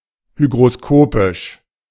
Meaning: hygroscopic
- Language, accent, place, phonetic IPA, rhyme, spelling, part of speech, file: German, Germany, Berlin, [ˌhyɡʁoˈskoːpɪʃ], -oːpɪʃ, hygroskopisch, adjective, De-hygroskopisch.ogg